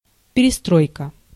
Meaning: verbal noun of перестро́ить (perestróitʹ) (nomen actionis): 1. rebuilding, reconstruction 2. reorganization, restructuring, reformation 3. reorientation
- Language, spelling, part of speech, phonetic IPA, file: Russian, перестройка, noun, [pʲɪrʲɪˈstrojkə], Ru-перестройка.ogg